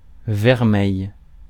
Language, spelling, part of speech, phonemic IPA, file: French, vermeil, adjective / noun, /vɛʁ.mɛj/, Fr-vermeil.ogg
- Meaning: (adjective) 1. bright red; vermilion 2. ruby; cherry 3. rosy; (noun) vermeil (gold-plated silver with a reddish hue)